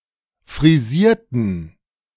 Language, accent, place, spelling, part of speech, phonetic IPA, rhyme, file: German, Germany, Berlin, frisierten, adjective / verb, [fʁiˈziːɐ̯tn̩], -iːɐ̯tn̩, De-frisierten.ogg
- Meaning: inflection of frisieren: 1. first/third-person plural preterite 2. first/third-person plural subjunctive II